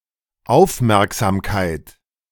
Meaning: 1. attention, mindfulness, attentiveness 2. care, courtesy, regard, thoughtfulness 3. gift, (small) present
- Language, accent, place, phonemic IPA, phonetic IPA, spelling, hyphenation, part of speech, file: German, Germany, Berlin, /ˈaʊ̯fˌmɛʁkzaːmkaɪ̯t/, [ˈʔaʊ̯fˌmɛʁkzaːmkʰaɪ̯tʰ], Aufmerksamkeit, Auf‧merk‧sam‧keit, noun, De-Aufmerksamkeit.ogg